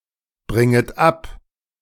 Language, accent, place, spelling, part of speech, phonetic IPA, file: German, Germany, Berlin, bringet ab, verb, [ˌbʁɪŋət ˈap], De-bringet ab.ogg
- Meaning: second-person plural subjunctive I of abbringen